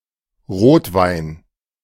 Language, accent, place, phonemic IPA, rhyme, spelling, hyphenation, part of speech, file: German, Germany, Berlin, /ˈʁoːtvaɪ̯n/, -aɪ̯n, Rotwein, Rot‧wein, noun, De-Rotwein.ogg
- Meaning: red wine (red-coloured wine made mostly from black grapes, including the skin)